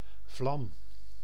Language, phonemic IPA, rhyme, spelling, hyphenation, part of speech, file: Dutch, /vlɑm/, -ɑm, vlam, vlam, noun / verb, Nl-vlam.ogg
- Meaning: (noun) 1. flame 2. love interest, partner; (verb) inflection of vlammen: 1. first-person singular present indicative 2. second-person singular present indicative 3. imperative